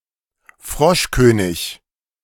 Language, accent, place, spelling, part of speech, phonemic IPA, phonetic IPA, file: German, Germany, Berlin, Froschkönig, noun, /ˈfʁɔʃkøːnɪç/, [ˈfʁɔʃkøːnɪk], De-Froschkönig.ogg
- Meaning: Frog Prince (fairy tale character, created by the Brothers Grimm)